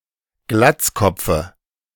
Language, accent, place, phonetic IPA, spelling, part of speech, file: German, Germany, Berlin, [ˈɡlat͡sˌkɔp͡fə], Glatzkopfe, noun, De-Glatzkopfe.ogg
- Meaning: dative singular of Glatzkopf